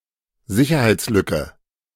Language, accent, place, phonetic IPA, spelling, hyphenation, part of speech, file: German, Germany, Berlin, [ˈzɪçɐhaɪ̯tsˌlʏkə], Sicherheitslücke, Si‧cher‧heits‧lü‧cke, noun, De-Sicherheitslücke.ogg
- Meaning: vulnerability, security hole, security bug